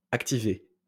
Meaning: past participle of activer
- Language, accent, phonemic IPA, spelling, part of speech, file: French, France, /ak.ti.ve/, activé, verb, LL-Q150 (fra)-activé.wav